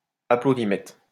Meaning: clapometer (an audience reaction monitor)
- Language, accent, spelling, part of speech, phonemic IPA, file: French, France, applaudimètre, noun, /a.plo.di.mɛtʁ/, LL-Q150 (fra)-applaudimètre.wav